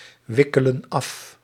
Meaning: inflection of afwikkelen: 1. plural present indicative 2. plural present subjunctive
- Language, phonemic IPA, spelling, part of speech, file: Dutch, /ˈwɪkələ(n) ˈɑf/, wikkelen af, verb, Nl-wikkelen af.ogg